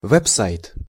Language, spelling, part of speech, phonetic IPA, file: Russian, веб-сайт, noun, [ˌvɛp ˈsajt], Ru-веб-сайт.ogg
- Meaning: web site